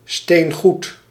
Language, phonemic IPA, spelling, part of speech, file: Dutch, /steːŋˈɣut/, steengoed, adjective, Nl-steengoed.ogg
- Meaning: damn good, unsurpassably good